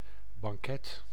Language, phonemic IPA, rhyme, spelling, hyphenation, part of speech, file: Dutch, /bɑŋˈkɛt/, -ɛt, banket, ban‧ket, noun, Nl-banket.ogg
- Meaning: 1. a banquet, formal, festive meal 2. a pastry made of almond paste and puff pastry 3. any of a variety of sweet pastries